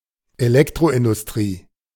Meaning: electrical industry
- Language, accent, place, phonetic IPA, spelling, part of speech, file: German, Germany, Berlin, [eˈlɛktʁoʔɪndʊsˌtʁiː], Elektroindustrie, noun, De-Elektroindustrie.ogg